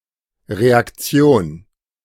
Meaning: 1. reaction (responding or countering action) 2. reaction, reactionary forces
- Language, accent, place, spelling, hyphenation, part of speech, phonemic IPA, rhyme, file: German, Germany, Berlin, Reaktion, Re‧ak‧ti‧on, noun, /ʁeakˈt͡si̯oːn/, -oːn, De-Reaktion.ogg